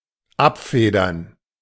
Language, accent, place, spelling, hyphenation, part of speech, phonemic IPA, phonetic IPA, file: German, Germany, Berlin, abfedern, ab‧fe‧dern, verb, /ˈapˌfeːdəʁn/, [ˈʔapˌfeːdɐn], De-abfedern.ogg
- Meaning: to cushion (a blow); to mitigate (the effects)